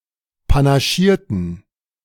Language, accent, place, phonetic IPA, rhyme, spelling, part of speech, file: German, Germany, Berlin, [panaˈʃiːɐ̯tn̩], -iːɐ̯tn̩, panaschierten, adjective / verb, De-panaschierten.ogg
- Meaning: inflection of panaschieren: 1. first/third-person plural preterite 2. first/third-person plural subjunctive II